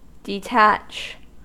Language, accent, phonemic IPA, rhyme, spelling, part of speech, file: English, US, /dɪˈtæt͡ʃ/, -ætʃ, detach, verb, En-us-detach.ogg
- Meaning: 1. To take apart from; to take off 2. To separate for a special object or use 3. To come off something